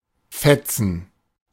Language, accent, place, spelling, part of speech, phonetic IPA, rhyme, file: German, Germany, Berlin, Fetzen, noun, [ˈfɛt͡sn̩], -ɛt͡sn̩, De-Fetzen.ogg
- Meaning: 1. scrap, rag (torn piece of fabric or paper) 2. rags (tattered clothing) 3. low-quality, ill-fitting clothing 4. work apron 5. cleaning cloth, dustcloth 6. lowest grade in school (nicht genügend)